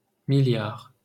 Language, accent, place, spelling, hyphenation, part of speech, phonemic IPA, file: French, France, Paris, milliard, mil‧liard, numeral, /mi.ljaʁ/, LL-Q150 (fra)-milliard.wav
- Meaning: billion (10⁹)